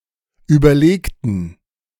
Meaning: inflection of überlegen: 1. first/third-person plural preterite 2. first/third-person plural subjunctive II
- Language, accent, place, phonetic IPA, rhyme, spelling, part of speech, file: German, Germany, Berlin, [ˌyːbɐˈleːktn̩], -eːktn̩, überlegten, adjective / verb, De-überlegten.ogg